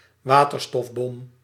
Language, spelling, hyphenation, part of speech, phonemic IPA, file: Dutch, waterstofbom, wa‧ter‧stof‧bom, noun, /ˈʋaː.tər.stɔfˌbɔm/, Nl-waterstofbom.ogg
- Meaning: hydrogen bomb